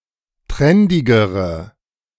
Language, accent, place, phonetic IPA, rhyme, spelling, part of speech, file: German, Germany, Berlin, [ˈtʁɛndɪɡəʁə], -ɛndɪɡəʁə, trendigere, adjective, De-trendigere.ogg
- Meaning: inflection of trendig: 1. strong/mixed nominative/accusative feminine singular comparative degree 2. strong nominative/accusative plural comparative degree